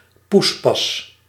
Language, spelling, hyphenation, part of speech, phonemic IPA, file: Dutch, poespas, poes‧pas, noun, /ˈpus.pɑs/, Nl-poespas.ogg
- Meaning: 1. fuss, ado, hubbub 2. mash, stew